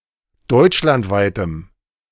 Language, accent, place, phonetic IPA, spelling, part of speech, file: German, Germany, Berlin, [ˈdɔɪ̯t͡ʃlantˌvaɪ̯təm], deutschlandweitem, adjective, De-deutschlandweitem.ogg
- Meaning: strong dative masculine/neuter singular of deutschlandweit